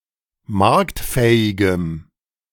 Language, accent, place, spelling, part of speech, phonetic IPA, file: German, Germany, Berlin, marktfähigem, adjective, [ˈmaʁktˌfɛːɪɡəm], De-marktfähigem.ogg
- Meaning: strong dative masculine/neuter singular of marktfähig